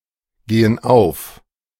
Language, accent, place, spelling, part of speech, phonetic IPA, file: German, Germany, Berlin, gehen auf, verb, [ˌɡeːən ˈaʊ̯f], De-gehen auf.ogg
- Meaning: inflection of aufgehen: 1. first/third-person plural present 2. first/third-person plural subjunctive I